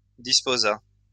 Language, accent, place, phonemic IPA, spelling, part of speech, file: French, France, Lyon, /dis.po.za/, disposa, verb, LL-Q150 (fra)-disposa.wav
- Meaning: third-person singular past historic of disposer